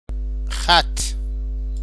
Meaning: 1. line 2. streak, stripe 3. handwriting, writing 4. script; writing system 5. written character; letter 6. down or fresh facial hair on an adolescent face (a mark of beauty)
- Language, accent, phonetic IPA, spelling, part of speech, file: Persian, Iran, [xæt̪ʰt̪ʰ], خط, noun, Fa-خط.ogg